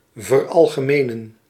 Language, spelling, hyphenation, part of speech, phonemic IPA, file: Dutch, veralgemenen, ver‧al‧ge‧me‧nen, verb, /vərˌɑl.ɣəˈmeː.nə(n)/, Nl-veralgemenen.ogg
- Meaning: to generalise